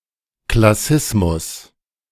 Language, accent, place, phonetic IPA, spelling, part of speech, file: German, Germany, Berlin, [klaˈsɪsmʊs], Klassismus, noun, De-Klassismus.ogg
- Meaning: classism